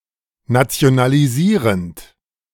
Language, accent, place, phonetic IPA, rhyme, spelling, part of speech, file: German, Germany, Berlin, [nat͡si̯onaliˈziːʁənt], -iːʁənt, nationalisierend, verb, De-nationalisierend.ogg
- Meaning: present participle of nationalisieren